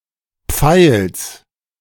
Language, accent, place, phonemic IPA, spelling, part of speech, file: German, Germany, Berlin, /pfaɪ̯ls/, Pfeils, noun, De-Pfeils.ogg
- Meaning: genitive singular of Pfeil